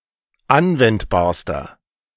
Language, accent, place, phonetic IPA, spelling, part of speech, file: German, Germany, Berlin, [ˈanvɛntbaːɐ̯stɐ], anwendbarster, adjective, De-anwendbarster.ogg
- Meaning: inflection of anwendbar: 1. strong/mixed nominative masculine singular superlative degree 2. strong genitive/dative feminine singular superlative degree 3. strong genitive plural superlative degree